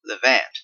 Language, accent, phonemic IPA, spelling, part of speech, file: English, Canada, /lɪˈvænt/, levant, noun / verb, En-ca-levant.oga
- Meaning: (noun) A disappearing or absconding after losing a bet; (verb) To abscond or run away, especially to avoid paying money or debts